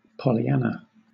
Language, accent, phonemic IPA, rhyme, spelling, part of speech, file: English, Southern England, /ˌpɒliˈænə/, -ænə, Pollyanna, proper noun / noun, LL-Q1860 (eng)-Pollyanna.wav
- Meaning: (proper noun) A female given name from Hebrew derived from Polly and Anna; rare in the real world; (noun) One who is persistently cheerful and optimistic, even when given cause not to be so